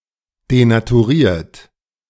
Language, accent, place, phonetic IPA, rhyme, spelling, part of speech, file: German, Germany, Berlin, [denatuˈʁiːɐ̯t], -iːɐ̯t, denaturiert, verb, De-denaturiert.ogg
- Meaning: 1. past participle of denaturieren 2. inflection of denaturieren: second-person plural present 3. inflection of denaturieren: third-person singular present